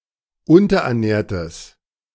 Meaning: strong/mixed nominative/accusative neuter singular of unterernährt
- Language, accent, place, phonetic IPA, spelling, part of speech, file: German, Germany, Berlin, [ˈʊntɐʔɛɐ̯ˌnɛːɐ̯təs], unterernährtes, adjective, De-unterernährtes.ogg